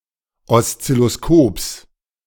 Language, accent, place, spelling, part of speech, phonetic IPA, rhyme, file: German, Germany, Berlin, Oszilloskops, noun, [ɔst͡sɪloˈskoːps], -oːps, De-Oszilloskops.ogg
- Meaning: genitive singular of Oszilloskop